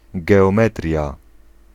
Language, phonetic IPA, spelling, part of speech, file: Polish, [ˌɡɛɔ̃ˈmɛtrʲja], geometria, noun, Pl-geometria.ogg